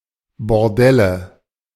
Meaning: nominative/accusative/genitive plural of Bordell
- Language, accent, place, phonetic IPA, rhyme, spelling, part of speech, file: German, Germany, Berlin, [bɔʁˈdɛlə], -ɛlə, Bordelle, noun, De-Bordelle.ogg